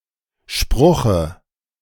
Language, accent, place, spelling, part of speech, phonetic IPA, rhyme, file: German, Germany, Berlin, Spruche, noun, [ˈʃpʁʊxə], -ʊxə, De-Spruche.ogg
- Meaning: dative of Spruch